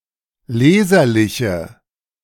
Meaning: inflection of leserlich: 1. strong/mixed nominative/accusative feminine singular 2. strong nominative/accusative plural 3. weak nominative all-gender singular
- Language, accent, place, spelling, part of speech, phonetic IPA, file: German, Germany, Berlin, leserliche, adjective, [ˈleːzɐlɪçə], De-leserliche.ogg